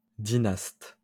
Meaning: 1. petty king, ruler of a smaller state within a greater empire 2. rhinoceros beetle (family Dynastinae)
- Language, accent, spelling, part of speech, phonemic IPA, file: French, France, dynaste, noun, /di.nast/, LL-Q150 (fra)-dynaste.wav